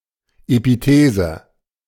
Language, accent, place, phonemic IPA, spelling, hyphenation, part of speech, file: German, Germany, Berlin, /epiˈteːzə/, Epithese, Epi‧the‧se, noun, De-Epithese.ogg
- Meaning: epithesis